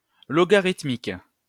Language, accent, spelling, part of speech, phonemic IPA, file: French, France, logarithmique, adjective, /lɔ.ɡa.ʁit.mik/, LL-Q150 (fra)-logarithmique.wav
- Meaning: logarithmic